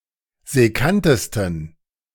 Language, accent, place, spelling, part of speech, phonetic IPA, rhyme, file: German, Germany, Berlin, sekkantesten, adjective, [zɛˈkantəstn̩], -antəstn̩, De-sekkantesten.ogg
- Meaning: 1. superlative degree of sekkant 2. inflection of sekkant: strong genitive masculine/neuter singular superlative degree